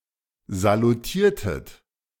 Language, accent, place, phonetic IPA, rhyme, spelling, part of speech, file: German, Germany, Berlin, [zaluˈtiːɐ̯tət], -iːɐ̯tət, salutiertet, verb, De-salutiertet.ogg
- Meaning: inflection of salutieren: 1. second-person plural preterite 2. second-person plural subjunctive II